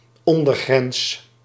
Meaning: lower limit, lower border
- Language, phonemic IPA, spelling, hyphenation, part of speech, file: Dutch, /ˈɔn.dərˌɣrɛns/, ondergrens, on‧der‧grens, noun, Nl-ondergrens.ogg